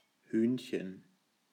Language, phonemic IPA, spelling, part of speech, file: German, /ˈhyːn.çən/, Hühnchen, noun, De-Hühnchen.ogg
- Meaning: 1. diminutive of Huhn 2. chicken (meat)